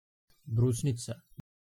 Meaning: cranberry
- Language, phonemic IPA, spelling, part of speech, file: Serbo-Croatian, /brǔsnit͡sa/, brusnica, noun, Sr-Brusnica.ogg